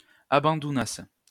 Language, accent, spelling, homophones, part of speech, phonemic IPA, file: French, France, abandounassent, abandounasse / abandounasses, verb, /a.bɑ̃.du.nas/, LL-Q150 (fra)-abandounassent.wav
- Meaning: third-person plural imperfect subjunctive of abandouner